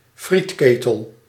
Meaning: deep fryer
- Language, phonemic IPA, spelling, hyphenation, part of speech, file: Dutch, /ˈfritˌkeː.təl/, frietketel, friet‧ke‧tel, noun, Nl-frietketel.ogg